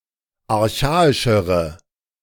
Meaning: inflection of archaisch: 1. strong/mixed nominative/accusative feminine singular comparative degree 2. strong nominative/accusative plural comparative degree
- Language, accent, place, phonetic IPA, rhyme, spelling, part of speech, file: German, Germany, Berlin, [aʁˈçaːɪʃəʁə], -aːɪʃəʁə, archaischere, adjective, De-archaischere.ogg